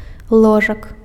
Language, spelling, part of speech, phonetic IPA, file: Belarusian, ложак, noun, [ˈɫoʐak], Be-ложак.ogg
- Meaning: bed